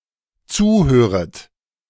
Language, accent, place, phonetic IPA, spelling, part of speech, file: German, Germany, Berlin, [ˈt͡suːˌhøːʁət], zuhöret, verb, De-zuhöret.ogg
- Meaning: second-person plural dependent subjunctive I of zuhören